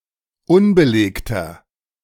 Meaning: inflection of unbelegt: 1. strong/mixed nominative masculine singular 2. strong genitive/dative feminine singular 3. strong genitive plural
- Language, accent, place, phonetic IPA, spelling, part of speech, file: German, Germany, Berlin, [ˈʊnbəˌleːktɐ], unbelegter, adjective, De-unbelegter.ogg